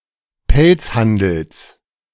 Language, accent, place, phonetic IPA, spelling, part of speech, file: German, Germany, Berlin, [ˈpɛlt͡sˌhandl̩s], Pelzhandels, noun, De-Pelzhandels.ogg
- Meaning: genitive singular of Pelzhandel